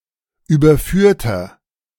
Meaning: inflection of überführt: 1. strong/mixed nominative masculine singular 2. strong genitive/dative feminine singular 3. strong genitive plural
- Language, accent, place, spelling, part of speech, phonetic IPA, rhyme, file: German, Germany, Berlin, überführter, adjective, [ˌyːbɐˈfyːɐ̯tɐ], -yːɐ̯tɐ, De-überführter.ogg